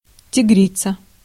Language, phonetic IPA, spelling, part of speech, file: Russian, [tʲɪˈɡrʲit͡sə], тигрица, noun, Ru-тигрица.ogg
- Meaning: female equivalent of тигр (tigr): female tiger, tigress